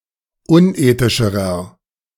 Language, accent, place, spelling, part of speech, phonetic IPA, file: German, Germany, Berlin, unethischerer, adjective, [ˈʊnˌʔeːtɪʃəʁɐ], De-unethischerer.ogg
- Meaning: inflection of unethisch: 1. strong/mixed nominative masculine singular comparative degree 2. strong genitive/dative feminine singular comparative degree 3. strong genitive plural comparative degree